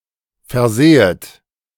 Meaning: second-person plural subjunctive II of versehen
- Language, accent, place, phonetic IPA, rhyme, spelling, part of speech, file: German, Germany, Berlin, [fɛɐ̯ˈzɛːət], -ɛːət, versähet, verb, De-versähet.ogg